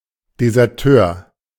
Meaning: deserter
- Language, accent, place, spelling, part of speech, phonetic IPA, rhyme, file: German, Germany, Berlin, Deserteur, noun, [dezɛʁˈtøːɐ̯], -øːɐ̯, De-Deserteur.ogg